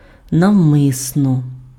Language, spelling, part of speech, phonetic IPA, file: Ukrainian, навмисно, adverb, [nɐu̯ˈmɪsnɔ], Uk-навмисно.ogg
- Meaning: 1. deliberately 2. intentionally 3. purposely 4. willfully 5. knowingly 6. expressly 7. voluntarily 8. by design 9. advisedly 10. designedly 11. studiedly